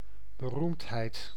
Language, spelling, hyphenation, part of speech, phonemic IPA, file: Dutch, beroemdheid, be‧roemd‧heid, noun, /bəˈrumtˌɦɛi̯t/, Nl-beroemdheid.ogg
- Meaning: 1. fame 2. a famous individual